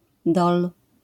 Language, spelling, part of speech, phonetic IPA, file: Polish, dol, noun, [dɔl], LL-Q809 (pol)-dol.wav